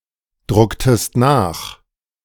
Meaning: inflection of nachdrucken: 1. second-person singular preterite 2. second-person singular subjunctive II
- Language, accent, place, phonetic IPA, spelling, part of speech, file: German, Germany, Berlin, [ˌdʁʊktəst ˈnaːx], drucktest nach, verb, De-drucktest nach.ogg